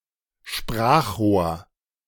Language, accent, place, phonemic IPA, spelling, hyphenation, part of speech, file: German, Germany, Berlin, /ˈʃpʁaːxˌʁoːɐ̯/, Sprachrohr, Sprach‧rohr, noun, De-Sprachrohr.ogg
- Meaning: 1. megaphone 2. mouthpiece (spokesman who speaks on behalf of someone else)